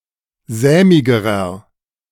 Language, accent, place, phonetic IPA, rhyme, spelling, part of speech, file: German, Germany, Berlin, [ˈzɛːmɪɡəʁɐ], -ɛːmɪɡəʁɐ, sämigerer, adjective, De-sämigerer.ogg
- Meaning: inflection of sämig: 1. strong/mixed nominative masculine singular comparative degree 2. strong genitive/dative feminine singular comparative degree 3. strong genitive plural comparative degree